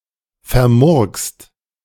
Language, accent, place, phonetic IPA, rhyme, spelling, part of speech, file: German, Germany, Berlin, [fɛɐ̯ˈmʊʁkst], -ʊʁkst, vermurkst, verb, De-vermurkst.ogg
- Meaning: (verb) past participle of vermurksen; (adjective) botched, screwed up